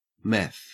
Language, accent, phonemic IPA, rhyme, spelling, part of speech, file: English, Australia, /mɛθ/, -ɛθ, meth, noun, En-au-meth.ogg
- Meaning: 1. Methamphetamine, especially in the form of the crystalline hydrochloride 2. Methadone 3. A tramp 4. A spiced mead, originally from Wales 5. Marijuana